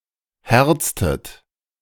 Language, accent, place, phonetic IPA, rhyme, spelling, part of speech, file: German, Germany, Berlin, [ˈhɛʁt͡stət], -ɛʁt͡stət, herztet, verb, De-herztet.ogg
- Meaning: inflection of herzen: 1. second-person plural preterite 2. second-person plural subjunctive II